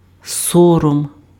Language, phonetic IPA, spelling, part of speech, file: Ukrainian, [ˈsɔrɔm], сором, noun, Uk-сором.ogg
- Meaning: 1. shame 2. disgrace